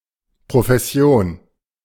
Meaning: profession
- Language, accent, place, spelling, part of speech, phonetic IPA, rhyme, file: German, Germany, Berlin, Profession, noun, [pʁofɛˈsi̯oːn], -oːn, De-Profession.ogg